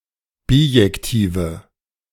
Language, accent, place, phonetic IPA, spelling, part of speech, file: German, Germany, Berlin, [ˈbiːjɛktiːvə], bijektive, adjective, De-bijektive.ogg
- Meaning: inflection of bijektiv: 1. strong/mixed nominative/accusative feminine singular 2. strong nominative/accusative plural 3. weak nominative all-gender singular